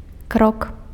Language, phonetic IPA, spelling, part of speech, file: Belarusian, [krok], крок, noun, Be-крок.ogg
- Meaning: 1. step, pace 2. step, action, act